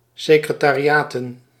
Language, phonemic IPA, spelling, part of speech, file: Dutch, /sɪkrətariˈjatə(n)/, secretariaten, noun, Nl-secretariaten.ogg
- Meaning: plural of secretariaat